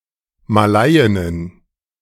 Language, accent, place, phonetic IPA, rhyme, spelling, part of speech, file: German, Germany, Berlin, [maˈlaɪ̯ɪnən], -aɪ̯ɪnən, Malaiinnen, noun, De-Malaiinnen.ogg
- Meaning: plural of Malaiin